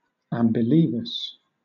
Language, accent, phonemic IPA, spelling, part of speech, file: English, Southern England, /ˌæmbɪˈliːvəs/, ambilevous, adjective, LL-Q1860 (eng)-ambilevous.wav
- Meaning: Having equally bad ability in both hands; clumsy; butterfingered